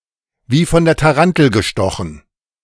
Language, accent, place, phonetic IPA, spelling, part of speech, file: German, Germany, Berlin, [viː fɔn deːɐ̯ taˈʁantl̩ ɡəˈʃtɔxn̩], wie von der Tarantel gestochen, phrase, De-wie von der Tarantel gestochen.ogg
- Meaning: suddenly running or moving very fast; like a madman; like a berserk